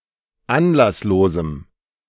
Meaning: strong dative masculine/neuter singular of anlasslos
- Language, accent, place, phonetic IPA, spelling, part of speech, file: German, Germany, Berlin, [ˈanlasˌloːzm̩], anlasslosem, adjective, De-anlasslosem.ogg